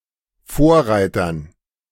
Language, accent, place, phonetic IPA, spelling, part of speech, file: German, Germany, Berlin, [ˈfoːɐ̯ˌʁaɪ̯tɐn], Vorreitern, noun, De-Vorreitern.ogg
- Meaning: dative plural of Vorreiter